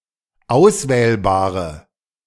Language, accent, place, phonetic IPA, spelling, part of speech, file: German, Germany, Berlin, [ˈaʊ̯sˌvɛːlbaːʁə], auswählbare, adjective, De-auswählbare.ogg
- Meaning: inflection of auswählbar: 1. strong/mixed nominative/accusative feminine singular 2. strong nominative/accusative plural 3. weak nominative all-gender singular